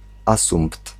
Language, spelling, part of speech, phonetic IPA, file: Polish, asumpt, noun, [ˈasũmpt], Pl-asumpt.ogg